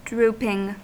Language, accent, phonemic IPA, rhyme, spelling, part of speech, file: English, US, /ˈdɹuːpɪŋ/, -uːpɪŋ, drooping, verb / noun / adjective, En-us-drooping.ogg
- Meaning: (verb) present participle and gerund of droop; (noun) An instance of something drooping; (adjective) That droops or droop